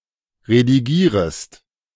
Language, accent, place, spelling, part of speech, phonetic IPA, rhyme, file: German, Germany, Berlin, redigierest, verb, [ʁediˈɡiːʁəst], -iːʁəst, De-redigierest.ogg
- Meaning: second-person singular subjunctive I of redigieren